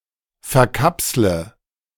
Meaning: inflection of verkapseln: 1. first-person singular present 2. first/third-person singular subjunctive I 3. singular imperative
- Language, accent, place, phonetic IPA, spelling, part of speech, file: German, Germany, Berlin, [fɛɐ̯ˈkapslə], verkapsle, verb, De-verkapsle.ogg